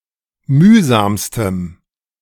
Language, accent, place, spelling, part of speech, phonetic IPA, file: German, Germany, Berlin, mühsamstem, adjective, [ˈmyːzaːmstəm], De-mühsamstem.ogg
- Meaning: strong dative masculine/neuter singular superlative degree of mühsam